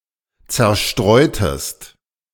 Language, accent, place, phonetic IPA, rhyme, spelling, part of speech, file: German, Germany, Berlin, [ˌt͡sɛɐ̯ˈʃtʁɔɪ̯təst], -ɔɪ̯təst, zerstreutest, verb, De-zerstreutest.ogg
- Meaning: inflection of zerstreuen: 1. second-person singular preterite 2. second-person singular subjunctive II